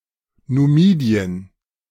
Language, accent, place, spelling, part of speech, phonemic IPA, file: German, Germany, Berlin, Numidien, proper noun, /nuˈmiːdiən/, De-Numidien.ogg
- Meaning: Numidia (a historical region and ancient Berber kingdom located in North Africa, initially situated in modern Algeria but later expanding into Tunisia and Libya)